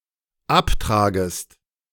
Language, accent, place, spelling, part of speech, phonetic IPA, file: German, Germany, Berlin, abtragest, verb, [ˈapˌtʁaːɡəst], De-abtragest.ogg
- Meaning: second-person singular dependent subjunctive I of abtragen